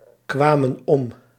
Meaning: inflection of omkomen: 1. plural past indicative 2. plural past subjunctive
- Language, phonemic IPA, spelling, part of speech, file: Dutch, /ˈkwamə(n) ˈɔm/, kwamen om, verb, Nl-kwamen om.ogg